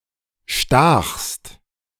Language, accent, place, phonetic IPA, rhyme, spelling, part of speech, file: German, Germany, Berlin, [ʃtaːxst], -aːxst, stachst, verb, De-stachst.ogg
- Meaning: second-person singular preterite of stechen